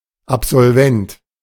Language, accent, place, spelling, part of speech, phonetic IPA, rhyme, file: German, Germany, Berlin, Absolvent, noun, [apz̥ɔlˈvɛnt], -ɛnt, De-Absolvent.ogg
- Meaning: alumnus, graduate (of an educational institution)